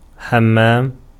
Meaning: 1. a bath, a bathtub: a bathhouse, a spa 2. a bath, a bathtub: a washroom; a bathroom; a restroom 3. a watering hole
- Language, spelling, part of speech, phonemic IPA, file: Arabic, حمام, noun, /ħam.maːm/, Ar-حمام.ogg